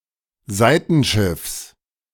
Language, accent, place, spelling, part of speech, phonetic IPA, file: German, Germany, Berlin, Seitenschiffs, noun, [ˈzaɪ̯tn̩ˌʃɪfs], De-Seitenschiffs.ogg
- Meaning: genitive singular of Seitenschiff